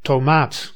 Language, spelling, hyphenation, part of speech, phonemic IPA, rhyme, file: Dutch, tomaat, to‧maat, noun, /toːˈmaːt/, -aːt, Nl-tomaat.ogg
- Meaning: 1. tomato, fruit of Solanum lycopersicum 2. tomato plant, Solanum lycopersicum